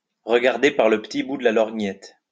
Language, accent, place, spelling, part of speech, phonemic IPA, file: French, France, Lyon, regarder par le petit bout de la lorgnette, verb, /ʁə.ɡaʁ.de paʁ lə p(ə).ti bu d(ə) la lɔʁ.ɲɛt/, LL-Q150 (fra)-regarder par le petit bout de la lorgnette.wav
- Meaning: to take the short view, to look at (something) short-sightedly, from too narrow a perspective, to take a very narrow view of (something), to take a limited view of (something)